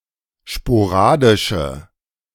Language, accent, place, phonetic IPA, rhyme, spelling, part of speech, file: German, Germany, Berlin, [ʃpoˈʁaːdɪʃə], -aːdɪʃə, sporadische, adjective, De-sporadische.ogg
- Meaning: inflection of sporadisch: 1. strong/mixed nominative/accusative feminine singular 2. strong nominative/accusative plural 3. weak nominative all-gender singular